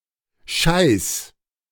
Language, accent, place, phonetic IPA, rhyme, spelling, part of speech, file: German, Germany, Berlin, [ʃaɪ̯s], -aɪ̯s, scheiß, verb, De-scheiß.ogg
- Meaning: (verb) singular imperative of scheißen; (adjective) shitty, shit; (adverb) very, damn, piss